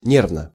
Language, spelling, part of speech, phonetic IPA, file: Russian, нервно, adverb / adjective, [ˈnʲervnə], Ru-нервно.ogg
- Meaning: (adverb) nervously; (adjective) short neuter singular of не́рвный (nérvnyj)